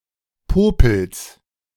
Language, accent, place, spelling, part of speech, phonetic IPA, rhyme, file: German, Germany, Berlin, Popels, noun, [ˈpoːpl̩s], -oːpl̩s, De-Popels.ogg
- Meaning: genitive singular of Popel